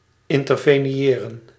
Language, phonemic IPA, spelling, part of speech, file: Dutch, /ˌɪn.tər.veː.niˈeː.rə(n)/, interveniëren, verb, Nl-interveniëren.ogg
- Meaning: to intervene